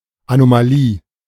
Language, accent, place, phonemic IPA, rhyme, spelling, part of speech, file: German, Germany, Berlin, /anomaˈliː/, -iː, Anomalie, noun, De-Anomalie.ogg
- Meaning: anomaly